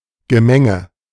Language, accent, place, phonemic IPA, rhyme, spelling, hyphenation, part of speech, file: German, Germany, Berlin, /ɡəˈmɛŋə/, -ɛŋə, Gemenge, Ge‧men‧ge, noun, De-Gemenge.ogg
- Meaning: 1. mixture, mix, mass (a varied collection or blend of many different influences, interests, objects) 2. scuffle, press, commotion (group or mass of people moving independently or erratically)